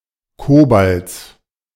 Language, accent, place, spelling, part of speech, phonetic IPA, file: German, Germany, Berlin, Cobalts, noun, [ˈkoːbalt͡s], De-Cobalts.ogg
- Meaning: genitive singular of Cobalt